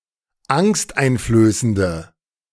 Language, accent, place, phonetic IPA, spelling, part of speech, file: German, Germany, Berlin, [ˈaŋstʔaɪ̯nfløːsəndə], angsteinflößende, adjective, De-angsteinflößende.ogg
- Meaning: inflection of angsteinflößend: 1. strong/mixed nominative/accusative feminine singular 2. strong nominative/accusative plural 3. weak nominative all-gender singular